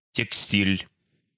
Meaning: 1. textiles 2. textile worker
- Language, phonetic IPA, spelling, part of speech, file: Russian, [tʲɪkˈsʲtʲilʲ], текстиль, noun, Ru-текстиль.ogg